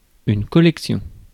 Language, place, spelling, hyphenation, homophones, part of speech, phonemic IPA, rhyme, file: French, Paris, collection, col‧lec‧tion, collections, noun, /kɔ.lɛk.sjɔ̃/, -ɔ̃, Fr-collection.ogg
- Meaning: collection